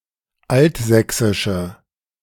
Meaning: inflection of altsächsisch: 1. strong/mixed nominative/accusative feminine singular 2. strong nominative/accusative plural 3. weak nominative all-gender singular
- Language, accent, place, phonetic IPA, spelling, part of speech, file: German, Germany, Berlin, [ˈaltˌzɛksɪʃə], altsächsische, adjective, De-altsächsische.ogg